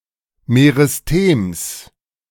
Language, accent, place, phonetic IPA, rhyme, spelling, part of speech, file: German, Germany, Berlin, [meʁɪsˈteːms], -eːms, Meristems, noun, De-Meristems.ogg
- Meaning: genitive of Meristem